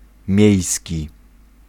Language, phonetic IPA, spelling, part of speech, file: Polish, [ˈmʲjɛ̇jsʲci], miejski, adjective / noun, Pl-miejski.ogg